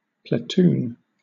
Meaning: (noun) 1. A unit of thirty to forty soldiers typically commanded by a lieutenant and forming part of a company 2. A subdivision of a fire company, led by a captain or lieutenant
- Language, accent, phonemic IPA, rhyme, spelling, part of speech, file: English, Southern England, /pləˈtuːn/, -uːn, platoon, noun / verb, LL-Q1860 (eng)-platoon.wav